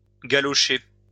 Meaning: to French kiss, make out (a kiss with contact between tongues)
- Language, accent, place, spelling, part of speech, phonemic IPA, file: French, France, Lyon, galocher, verb, /ɡa.lɔ.ʃe/, LL-Q150 (fra)-galocher.wav